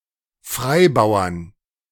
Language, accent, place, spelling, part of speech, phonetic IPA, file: German, Germany, Berlin, Freibauern, noun, [ˈfʁaɪ̯ˌbaʊ̯ɐn], De-Freibauern.ogg
- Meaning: 1. genitive/dative/accusative singular of Freibauer 2. plural of Freibauer